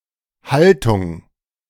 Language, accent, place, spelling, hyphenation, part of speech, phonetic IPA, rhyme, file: German, Germany, Berlin, Haltung, Hal‧tung, noun, [ˈhaltʊŋ], -altʊŋ, De-Haltung.ogg
- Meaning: 1. posture (manner of holding one's body) 2. posture (manner of holding one's body): attention 3. attitude, stance 4. keeping, husbandry (now especially of animals)